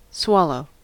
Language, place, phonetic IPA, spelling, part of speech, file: English, California, [ˈswɑ.loʊ̯], swallow, verb / noun, En-us-swallow.ogg
- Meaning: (verb) 1. To cause (food, drink etc.) to pass from the mouth into the stomach; to take into the stomach through the throat 2. To take (something) in so that it disappears; to consume, absorb